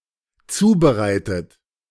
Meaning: 1. past participle of zubereiten 2. inflection of zubereiten: third-person singular dependent present 3. inflection of zubereiten: second-person plural dependent present
- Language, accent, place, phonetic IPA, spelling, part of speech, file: German, Germany, Berlin, [ˈt͡suːbəˌʁaɪ̯tət], zubereitet, verb, De-zubereitet.ogg